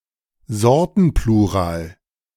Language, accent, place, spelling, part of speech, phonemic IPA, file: German, Germany, Berlin, Sortenplural, noun, /ˈzɔrtənˌpluːraːl/, De-Sortenplural.ogg
- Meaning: a plural form that indicates different sorts, kinds, types, usually of a mass noun